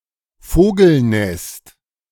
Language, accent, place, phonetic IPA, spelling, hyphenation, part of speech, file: German, Germany, Berlin, [ˈfoːɡl̩ˌnɛst], Vogelnest, Vo‧gel‧nest, noun, De-Vogelnest.ogg
- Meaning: birdnest, bird-nest, bird's nest